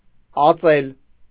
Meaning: 1. to lay (eggs) 2. to pour, to strew (a liquid) 3. to play (a musical instrument)
- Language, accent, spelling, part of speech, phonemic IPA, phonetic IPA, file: Armenian, Eastern Armenian, ածել, verb, /ɑˈt͡sel/, [ɑt͡sél], Hy-ածել.ogg